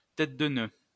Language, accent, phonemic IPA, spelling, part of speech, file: French, France, /tɛt də nø/, tête de nœud, noun, LL-Q150 (fra)-tête de nœud.wav
- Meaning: dickhead (unintelligent person)